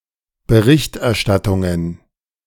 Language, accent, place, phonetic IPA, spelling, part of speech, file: German, Germany, Berlin, [bəˈʁɪçtʔɛɐ̯ˌʃtatʊŋən], Berichterstattungen, noun, De-Berichterstattungen.ogg
- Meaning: plural of Berichterstattung